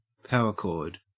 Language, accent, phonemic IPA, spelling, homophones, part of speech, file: English, Australia, /ˈpaʊə(ɹ)ˈkɔɹd/, power chord, power cord, noun, En-au-power chord.ogg